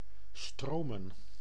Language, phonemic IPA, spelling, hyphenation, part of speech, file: Dutch, /ˈstroː.mə(n)/, stromen, stro‧men, verb / noun, Nl-stromen.ogg
- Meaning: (verb) to flow; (noun) plural of stroom